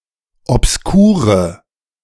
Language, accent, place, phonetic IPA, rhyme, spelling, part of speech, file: German, Germany, Berlin, [ɔpsˈkuːʁə], -uːʁə, obskure, adjective, De-obskure.ogg
- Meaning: inflection of obskur: 1. strong/mixed nominative/accusative feminine singular 2. strong nominative/accusative plural 3. weak nominative all-gender singular 4. weak accusative feminine/neuter singular